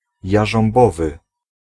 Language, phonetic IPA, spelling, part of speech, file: Polish, [ˌjaʒɔ̃mˈbɔvɨ], jarząbowy, adjective, Pl-jarząbowy.ogg